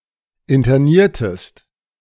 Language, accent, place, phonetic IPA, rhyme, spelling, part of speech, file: German, Germany, Berlin, [ɪntɐˈniːɐ̯təst], -iːɐ̯təst, interniertest, verb, De-interniertest.ogg
- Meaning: inflection of internieren: 1. second-person singular preterite 2. second-person singular subjunctive II